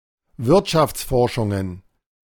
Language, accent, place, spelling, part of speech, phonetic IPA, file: German, Germany, Berlin, Wirtschaftsforschungen, noun, [ˈvɪʁtʃaft͡sˌfɔʁʃʊŋən], De-Wirtschaftsforschungen.ogg
- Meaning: plural of Wirtschaftsforschung